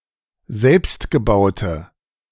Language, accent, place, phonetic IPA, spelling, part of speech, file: German, Germany, Berlin, [ˈzɛlpstɡəˌbaʊ̯tə], selbstgebaute, adjective, De-selbstgebaute.ogg
- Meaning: inflection of selbstgebaut: 1. strong/mixed nominative/accusative feminine singular 2. strong nominative/accusative plural 3. weak nominative all-gender singular